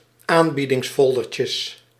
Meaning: plural of aanbiedingsfoldertje
- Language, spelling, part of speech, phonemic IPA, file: Dutch, aanbiedingsfoldertjes, noun, /ˈambidɪŋsˌfɔldərcəs/, Nl-aanbiedingsfoldertjes.ogg